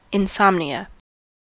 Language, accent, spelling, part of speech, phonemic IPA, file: English, US, insomnia, noun, /ɪnˈsɒmniə/, En-us-insomnia.ogg
- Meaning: 1. A sleeping disorder that is known for its symptoms of unrest and the inability to sleep 2. Temporary inability to sleep